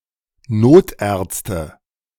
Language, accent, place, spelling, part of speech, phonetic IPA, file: German, Germany, Berlin, Notärzte, noun, [ˈnoːtˌʔɛʁt͡stə], De-Notärzte.ogg
- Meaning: nominative/accusative/genitive plural of Notarzt